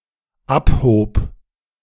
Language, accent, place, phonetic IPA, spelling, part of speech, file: German, Germany, Berlin, [ˈaphoːp], abhob, verb, De-abhob.ogg
- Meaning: first/third-person singular dependent preterite of abheben